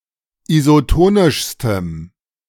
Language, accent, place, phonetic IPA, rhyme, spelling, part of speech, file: German, Germany, Berlin, [izoˈtoːnɪʃstəm], -oːnɪʃstəm, isotonischstem, adjective, De-isotonischstem.ogg
- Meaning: strong dative masculine/neuter singular superlative degree of isotonisch